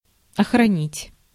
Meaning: to guard, to safeguard, to defend, to preserve (e.g. the environment)
- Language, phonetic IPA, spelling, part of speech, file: Russian, [ɐxrɐˈnʲitʲ], охранить, verb, Ru-охранить.ogg